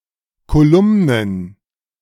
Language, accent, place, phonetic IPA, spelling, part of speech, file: German, Germany, Berlin, [koˈlʊmnən], Kolumnen, noun, De-Kolumnen.ogg
- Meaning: plural of Kolumne